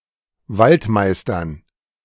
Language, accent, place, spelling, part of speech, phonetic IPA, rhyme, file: German, Germany, Berlin, Waldmeistern, noun, [ˈvaltˌmaɪ̯stɐn], -altmaɪ̯stɐn, De-Waldmeistern.ogg
- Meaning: dative plural of Waldmeister